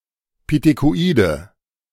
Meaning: inflection of pithekoid: 1. strong/mixed nominative/accusative feminine singular 2. strong nominative/accusative plural 3. weak nominative all-gender singular
- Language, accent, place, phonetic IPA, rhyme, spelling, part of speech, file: German, Germany, Berlin, [pitekoˈʔiːdə], -iːdə, pithekoide, adjective, De-pithekoide.ogg